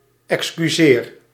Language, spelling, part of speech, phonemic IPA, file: Dutch, excuseer, verb, /ɛkskyˈzer/, Nl-excuseer.ogg
- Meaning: inflection of excuseren: 1. first-person singular present indicative 2. second-person singular present indicative 3. imperative